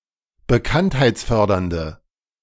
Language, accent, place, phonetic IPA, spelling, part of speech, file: German, Germany, Berlin, [bəˈkanthaɪ̯t͡sˌfœʁdɐndə], bekanntheitsfördernde, adjective, De-bekanntheitsfördernde.ogg
- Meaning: inflection of bekanntheitsfördernd: 1. strong/mixed nominative/accusative feminine singular 2. strong nominative/accusative plural 3. weak nominative all-gender singular